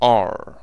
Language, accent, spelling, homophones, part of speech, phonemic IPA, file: English, US, R, ah / or / oar / ore / are / our, character / numeral, /ɑɹ/, En-us-r.ogg
- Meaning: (character) The eighteenth letter of the English alphabet, called ar and written in the Latin script